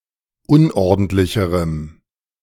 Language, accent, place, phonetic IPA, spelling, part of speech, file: German, Germany, Berlin, [ˈʊnʔɔʁdn̩tlɪçəʁəm], unordentlicherem, adjective, De-unordentlicherem.ogg
- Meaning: strong dative masculine/neuter singular comparative degree of unordentlich